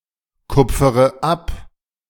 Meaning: inflection of abkupfern: 1. first-person singular present 2. first/third-person singular subjunctive I 3. singular imperative
- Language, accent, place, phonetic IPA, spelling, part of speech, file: German, Germany, Berlin, [ˌkʊp͡fəʁə ˈap], kupfere ab, verb, De-kupfere ab.ogg